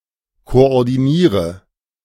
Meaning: inflection of koordinieren: 1. first-person singular present 2. first/third-person singular subjunctive I 3. singular imperative
- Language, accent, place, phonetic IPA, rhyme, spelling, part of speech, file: German, Germany, Berlin, [koʔɔʁdiˈniːʁə], -iːʁə, koordiniere, verb, De-koordiniere.ogg